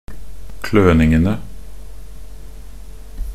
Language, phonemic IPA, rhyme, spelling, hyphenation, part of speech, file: Norwegian Bokmål, /ˈkløːnɪŋənə/, -ənə, kløningene, kløn‧ing‧en‧e, noun, Nb-kløningene.ogg
- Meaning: definite plural of kløning